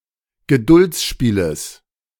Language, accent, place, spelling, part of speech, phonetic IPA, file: German, Germany, Berlin, Geduldsspieles, noun, [ɡəˈdʊlt͡sˌʃpiːləs], De-Geduldsspieles.ogg
- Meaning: genitive of Geduldsspiel